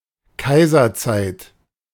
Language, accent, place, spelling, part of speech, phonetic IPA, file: German, Germany, Berlin, Kaiserzeit, noun, [ˈkaɪ̯zɐˌt͡saɪ̯t], De-Kaiserzeit.ogg
- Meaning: imperial era